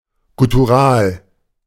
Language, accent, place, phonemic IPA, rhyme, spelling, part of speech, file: German, Germany, Berlin, /ɡʊtuˈʁaːl/, -aːl, guttural, adjective, De-guttural.ogg
- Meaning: guttural